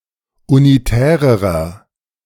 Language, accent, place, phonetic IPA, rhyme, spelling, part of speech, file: German, Germany, Berlin, [uniˈtɛːʁəʁɐ], -ɛːʁəʁɐ, unitärerer, adjective, De-unitärerer.ogg
- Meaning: inflection of unitär: 1. strong/mixed nominative masculine singular comparative degree 2. strong genitive/dative feminine singular comparative degree 3. strong genitive plural comparative degree